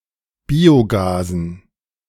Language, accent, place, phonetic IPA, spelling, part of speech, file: German, Germany, Berlin, [ˈbiːoˌɡaːzn̩], Biogasen, noun, De-Biogasen.ogg
- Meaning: dative plural of Biogas